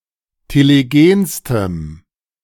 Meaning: strong dative masculine/neuter singular superlative degree of telegen
- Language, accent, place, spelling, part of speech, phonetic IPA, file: German, Germany, Berlin, telegenstem, adjective, [teleˈɡeːnstəm], De-telegenstem.ogg